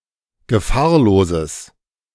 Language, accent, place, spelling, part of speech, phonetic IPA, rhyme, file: German, Germany, Berlin, gefahrloses, adjective, [ɡəˈfaːɐ̯loːzəs], -aːɐ̯loːzəs, De-gefahrloses.ogg
- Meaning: strong/mixed nominative/accusative neuter singular of gefahrlos